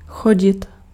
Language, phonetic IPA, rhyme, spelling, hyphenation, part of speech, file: Czech, [ˈxoɟɪt], -oɟɪt, chodit, cho‧dit, verb, Cs-chodit.ogg
- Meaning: 1. iterative of jít 2. to go (repeatedly) 3. to walk